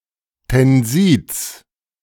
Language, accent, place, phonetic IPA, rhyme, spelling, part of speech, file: German, Germany, Berlin, [tɛnˈziːt͡s], -iːt͡s, Tensids, noun, De-Tensids.ogg
- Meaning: genitive singular of Tensid